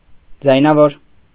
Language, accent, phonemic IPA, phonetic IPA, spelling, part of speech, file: Armenian, Eastern Armenian, /d͡zɑjnɑˈvoɾ/, [d͡zɑjnɑvóɾ], ձայնավոր, noun, Hy-ձայնավոր.ogg
- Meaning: vowel